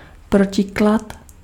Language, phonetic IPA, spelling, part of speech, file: Czech, [ˈprocɪklat], protiklad, noun, Cs-protiklad.ogg
- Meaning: 1. opposite 2. contrast (difference)